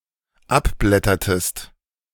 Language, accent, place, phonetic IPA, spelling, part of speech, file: German, Germany, Berlin, [ˈapˌblɛtɐtəst], abblättertest, verb, De-abblättertest.ogg
- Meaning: inflection of abblättern: 1. second-person singular dependent preterite 2. second-person singular dependent subjunctive II